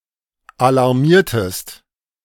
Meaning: inflection of alarmieren: 1. second-person singular preterite 2. second-person singular subjunctive II
- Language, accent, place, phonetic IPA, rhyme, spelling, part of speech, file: German, Germany, Berlin, [alaʁˈmiːɐ̯təst], -iːɐ̯təst, alarmiertest, verb, De-alarmiertest.ogg